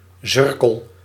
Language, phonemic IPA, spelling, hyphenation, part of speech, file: Dutch, /ˈzʏr.kəl/, zurkel, zur‧kel, noun, Nl-zurkel.ogg
- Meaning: sorrel, one of the several plants from the genus Rumex